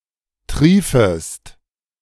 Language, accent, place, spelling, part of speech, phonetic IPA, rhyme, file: German, Germany, Berlin, triefest, verb, [ˈtʁiːfəst], -iːfəst, De-triefest.ogg
- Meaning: second-person singular subjunctive I of triefen